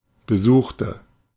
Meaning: inflection of besucht: 1. strong/mixed nominative/accusative feminine singular 2. strong nominative/accusative plural 3. weak nominative all-gender singular 4. weak accusative feminine/neuter singular
- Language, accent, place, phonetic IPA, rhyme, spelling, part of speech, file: German, Germany, Berlin, [bəˈzuːxtə], -uːxtə, besuchte, adjective / verb, De-besuchte.ogg